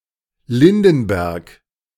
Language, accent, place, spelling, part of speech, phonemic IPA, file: German, Germany, Berlin, Lindenberg, proper noun, /ˈlɪndn̩ˌbɛʁk/, De-Lindenberg.ogg
- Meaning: 1. a municipality of Mecklenburg-Vorpommern, Germany 2. a municipality of Rhineland-Palatinate, Germany 3. a town in Bavaria, Germany